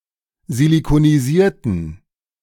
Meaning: inflection of silikonisiert: 1. strong genitive masculine/neuter singular 2. weak/mixed genitive/dative all-gender singular 3. strong/weak/mixed accusative masculine singular 4. strong dative plural
- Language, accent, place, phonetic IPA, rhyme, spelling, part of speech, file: German, Germany, Berlin, [zilikoniˈziːɐ̯tn̩], -iːɐ̯tn̩, silikonisierten, adjective / verb, De-silikonisierten.ogg